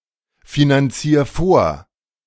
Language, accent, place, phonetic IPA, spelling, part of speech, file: German, Germany, Berlin, [finanˌt͡siːɐ̯ ˈfoːɐ̯], finanzier vor, verb, De-finanzier vor.ogg
- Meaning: 1. singular imperative of vorfinanzieren 2. first-person singular present of vorfinanzieren